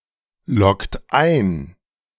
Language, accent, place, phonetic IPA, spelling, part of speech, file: German, Germany, Berlin, [ˌlɔkt ˈaɪ̯n], loggt ein, verb, De-loggt ein.ogg
- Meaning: inflection of einloggen: 1. second-person plural present 2. third-person singular present 3. plural imperative